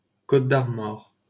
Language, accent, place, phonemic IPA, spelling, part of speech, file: French, France, Paris, /kot.d‿aʁ.mɔʁ/, Côtes-d'Armor, proper noun, LL-Q150 (fra)-Côtes-d'Armor.wav
- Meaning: Côtes-d'Armor (a department of Brittany, France)